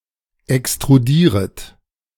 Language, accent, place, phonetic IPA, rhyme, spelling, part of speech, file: German, Germany, Berlin, [ɛkstʁuˈdiːʁət], -iːʁət, extrudieret, verb, De-extrudieret.ogg
- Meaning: second-person plural subjunctive I of extrudieren